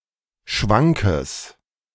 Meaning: strong/mixed nominative/accusative neuter singular of schwank
- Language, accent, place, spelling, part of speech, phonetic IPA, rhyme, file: German, Germany, Berlin, schwankes, adjective, [ˈʃvaŋkəs], -aŋkəs, De-schwankes.ogg